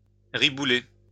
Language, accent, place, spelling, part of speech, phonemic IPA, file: French, France, Lyon, ribouler, verb, /ʁi.bu.le/, LL-Q150 (fra)-ribouler.wav
- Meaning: to roll one's eyes